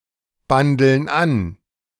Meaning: inflection of anbandeln: 1. first/third-person plural present 2. first/third-person plural subjunctive I
- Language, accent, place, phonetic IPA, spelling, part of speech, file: German, Germany, Berlin, [ˌbandl̩n ˈan], bandeln an, verb, De-bandeln an.ogg